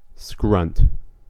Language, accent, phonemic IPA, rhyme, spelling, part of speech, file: English, US, /skɹʌnt/, -ʌnt, scrunt, noun / verb, En-us-scrunt.ogg
- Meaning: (noun) 1. An abrupt, high-pitched sound 2. A beggar or destitute person; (verb) To beg or scrounge